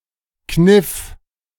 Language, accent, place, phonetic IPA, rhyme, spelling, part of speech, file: German, Germany, Berlin, [knɪf], -ɪf, kniff, verb, De-kniff.ogg
- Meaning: first/third-person singular preterite of kneifen